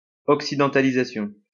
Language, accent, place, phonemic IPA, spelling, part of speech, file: French, France, Lyon, /ɔk.si.dɑ̃.ta.li.za.sjɔ̃/, occidentalisation, noun, LL-Q150 (fra)-occidentalisation.wav
- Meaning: westernization (assimilation of the western culture)